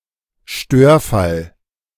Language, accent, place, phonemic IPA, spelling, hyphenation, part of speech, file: German, Germany, Berlin, /ˈʃtøːɐ̯ˌfal/, Störfall, Stör‧fall, noun, De-Störfall.ogg
- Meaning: incident (e.g. at a nuclear power plant)